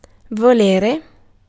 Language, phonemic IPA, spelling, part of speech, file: Italian, /voˈleɾe/, volere, noun / verb, It-volere.ogg